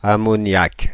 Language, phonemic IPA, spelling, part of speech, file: French, /a.mɔ.njak/, ammoniac, noun / adjective, Fr-ammoniac.ogg
- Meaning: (noun) ammonia; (adjective) ammonic, ammonical